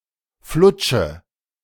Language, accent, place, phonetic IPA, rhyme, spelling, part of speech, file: German, Germany, Berlin, [ˈflʊt͡ʃə], -ʊt͡ʃə, flutsche, verb, De-flutsche.ogg
- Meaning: inflection of flutschen: 1. first-person singular present 2. first/third-person singular subjunctive I 3. singular imperative